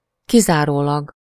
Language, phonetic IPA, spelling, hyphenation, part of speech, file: Hungarian, [ˈkizaːroːlɒɡ], kizárólag, ki‧zá‧ró‧lag, adverb, Hu-kizárólag.ogg
- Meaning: solely, exclusively, alone